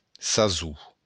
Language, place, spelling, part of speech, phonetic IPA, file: Occitan, Béarn, sason, noun, [saˈzu], LL-Q14185 (oci)-sason.wav
- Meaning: season